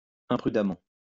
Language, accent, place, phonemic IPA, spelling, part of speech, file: French, France, Lyon, /ɛ̃.pʁy.da.mɑ̃/, imprudemment, adverb, LL-Q150 (fra)-imprudemment.wav
- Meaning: imprudently, recklessly, rashly, carelessly